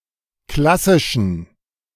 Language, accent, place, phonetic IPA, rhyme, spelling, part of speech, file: German, Germany, Berlin, [ˈklasɪʃn̩], -asɪʃn̩, klassischen, adjective, De-klassischen.ogg
- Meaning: inflection of klassisch: 1. strong genitive masculine/neuter singular 2. weak/mixed genitive/dative all-gender singular 3. strong/weak/mixed accusative masculine singular 4. strong dative plural